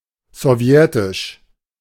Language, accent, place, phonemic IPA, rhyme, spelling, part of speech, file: German, Germany, Berlin, /zɔˈvjɛtɪʃ/, -ɛtɪʃ, sowjetisch, adjective, De-sowjetisch.ogg
- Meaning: Soviet